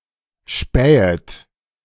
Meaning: second-person plural subjunctive I of spähen
- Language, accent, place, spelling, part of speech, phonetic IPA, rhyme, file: German, Germany, Berlin, spähet, verb, [ˈʃpɛːət], -ɛːət, De-spähet.ogg